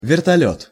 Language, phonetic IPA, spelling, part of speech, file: Russian, [vʲɪrtɐˈlʲɵt], вертолёт, noun, Ru-вертолёт.ogg
- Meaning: helicopter